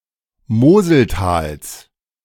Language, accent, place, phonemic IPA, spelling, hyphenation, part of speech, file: German, Germany, Berlin, /ˈmoːzəlˌtaːls/, Moseltals, Mo‧sel‧tals, proper noun, De-Moseltals.ogg
- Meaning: genitive singular of Moseltal